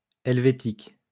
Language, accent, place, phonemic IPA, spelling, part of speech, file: French, France, Lyon, /ɛl.ve.tik/, helvétique, adjective, LL-Q150 (fra)-helvétique.wav
- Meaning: Swiss